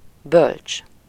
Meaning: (adjective) wise; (noun) wise man, sage
- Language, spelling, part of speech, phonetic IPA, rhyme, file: Hungarian, bölcs, adjective / noun, [ˈbølt͡ʃ], -ølt͡ʃ, Hu-bölcs.ogg